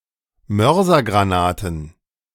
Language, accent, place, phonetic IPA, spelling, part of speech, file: German, Germany, Berlin, [ˈmœʁzɐɡʁaˌnaːtn̩], Mörsergranaten, noun, De-Mörsergranaten.ogg
- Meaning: plural of Mörsergranate